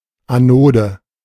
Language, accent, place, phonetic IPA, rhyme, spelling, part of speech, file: German, Germany, Berlin, [aˈnoːdə], -oːdə, Anode, noun, De-Anode.ogg
- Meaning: anode